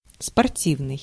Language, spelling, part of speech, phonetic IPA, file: Russian, спортивный, adjective, [spɐrˈtʲivnɨj], Ru-спортивный.ogg
- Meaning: 1. sporting, sports, athletic 2. sporty